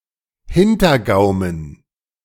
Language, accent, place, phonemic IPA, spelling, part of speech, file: German, Germany, Berlin, /ˈhɪntərɡaʊmən/, Hintergaumen, noun, De-Hintergaumen.ogg
- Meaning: soft palate, velum